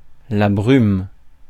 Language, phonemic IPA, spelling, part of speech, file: French, /bʁym/, brume, noun, Fr-brume.ogg
- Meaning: mist, haze, fog